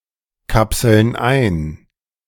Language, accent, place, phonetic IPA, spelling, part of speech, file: German, Germany, Berlin, [ˌkapsl̩n ˈaɪ̯n], kapseln ein, verb, De-kapseln ein.ogg
- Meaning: inflection of einkapseln: 1. first/third-person plural present 2. first/third-person plural subjunctive I